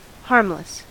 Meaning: 1. Incapable of causing harm or danger; safe 2. Not intended to harm; inoffensive 3. Unharmed
- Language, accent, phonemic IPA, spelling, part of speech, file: English, US, /ˈhɑɹmləs/, harmless, adjective, En-us-harmless.ogg